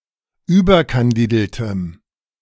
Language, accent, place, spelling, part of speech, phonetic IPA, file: German, Germany, Berlin, überkandideltem, adjective, [ˈyːbɐkanˌdiːdl̩təm], De-überkandideltem.ogg
- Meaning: strong dative masculine/neuter singular of überkandidelt